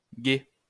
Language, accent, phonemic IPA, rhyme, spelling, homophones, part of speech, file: French, France, /ɡɛ/, -ɛ, gays, gai / gaie / gaies / gais / gay, noun, LL-Q150 (fra)-gays.wav
- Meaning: plural of gay